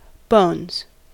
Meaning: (noun) 1. plural of bone 2. A percussive folk musical instrument played as a pair in one hand, often made from bovine ribs 3. Dice for gambling 4. Synonym of fist bump
- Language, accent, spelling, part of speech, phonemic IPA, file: English, US, bones, noun / verb, /boʊnz/, En-us-bones.ogg